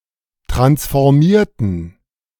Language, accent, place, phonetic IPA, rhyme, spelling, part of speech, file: German, Germany, Berlin, [ˌtʁansfɔʁˈmiːɐ̯tn̩], -iːɐ̯tn̩, transformierten, adjective / verb, De-transformierten.ogg
- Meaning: inflection of transformieren: 1. first/third-person plural preterite 2. first/third-person plural subjunctive II